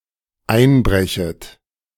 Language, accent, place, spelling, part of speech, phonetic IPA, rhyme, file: German, Germany, Berlin, einbrechet, verb, [ˈaɪ̯nˌbʁɛçət], -aɪ̯nbʁɛçət, De-einbrechet.ogg
- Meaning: second-person plural dependent subjunctive I of einbrechen